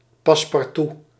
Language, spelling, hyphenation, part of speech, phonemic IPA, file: Dutch, passe-partout, pas‧se-par‧tout, noun, /pɑs.pɑrˈtu/, Nl-passe-partout.ogg
- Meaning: mat (thick paper or paperboard border used to inset and center the contents of a frame)